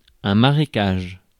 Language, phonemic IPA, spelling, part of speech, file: French, /ma.ʁe.kaʒ/, marécage, noun, Fr-marécage.ogg
- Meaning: marshland, swamp